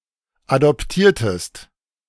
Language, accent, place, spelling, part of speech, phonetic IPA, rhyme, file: German, Germany, Berlin, adoptiertest, verb, [adɔpˈtiːɐ̯təst], -iːɐ̯təst, De-adoptiertest.ogg
- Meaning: inflection of adoptieren: 1. second-person singular preterite 2. second-person singular subjunctive II